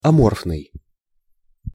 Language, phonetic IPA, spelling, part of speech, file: Russian, [ɐˈmorfnɨj], аморфный, adjective, Ru-аморфный.ogg
- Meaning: amorphous